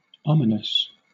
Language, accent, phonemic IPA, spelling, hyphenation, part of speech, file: English, Southern England, /ˈɒmɪnəs/, ominous, o‧mi‧nous, adjective, LL-Q1860 (eng)-ominous.wav
- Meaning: 1. Of or pertaining to an omen or to omens; being or exhibiting an omen; significant 2. Specifically, giving indication of a coming ill; being an evil omen